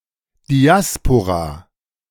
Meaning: diaspora
- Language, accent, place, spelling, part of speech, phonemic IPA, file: German, Germany, Berlin, Diaspora, noun, /diˈaspoʁa/, De-Diaspora.ogg